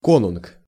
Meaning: Germanic king
- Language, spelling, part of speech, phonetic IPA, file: Russian, конунг, noun, [ˈkonʊnk], Ru-конунг.ogg